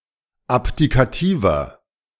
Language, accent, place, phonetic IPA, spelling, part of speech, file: German, Germany, Berlin, [ˈapdikaˌtiːvɐ], abdikativer, adjective, De-abdikativer.ogg
- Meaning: inflection of abdikativ: 1. strong/mixed nominative masculine singular 2. strong genitive/dative feminine singular 3. strong genitive plural